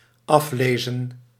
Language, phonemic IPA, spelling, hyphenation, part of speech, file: Dutch, /ˈɑfleːzə(n)/, aflezen, af‧le‧zen, verb, Nl-aflezen.ogg
- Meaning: to read off, to read from a measurement device